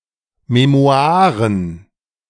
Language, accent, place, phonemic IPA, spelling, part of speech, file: German, Germany, Berlin, /meˈmo̯aːʁən/, Memoiren, noun, De-Memoiren.ogg
- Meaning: memoirs